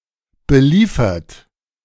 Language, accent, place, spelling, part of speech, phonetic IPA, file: German, Germany, Berlin, beliefert, verb, [bəˈliːfɐt], De-beliefert.ogg
- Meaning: past participle of beliefern